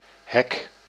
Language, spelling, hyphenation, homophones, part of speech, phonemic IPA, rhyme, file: Dutch, hek, hek, hack, noun, /ɦɛk/, -ɛk, Nl-hek.ogg
- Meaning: 1. fence 2. stern